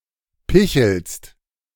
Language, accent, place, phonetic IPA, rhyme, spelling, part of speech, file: German, Germany, Berlin, [ˈpɪçl̩st], -ɪçl̩st, pichelst, verb, De-pichelst.ogg
- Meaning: second-person singular present of picheln